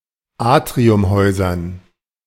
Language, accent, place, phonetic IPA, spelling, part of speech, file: German, Germany, Berlin, [ˈaːtʁiʊmˌhɔɪ̯zɐn], Atriumhäusern, noun, De-Atriumhäusern.ogg
- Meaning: dative plural of Atriumhaus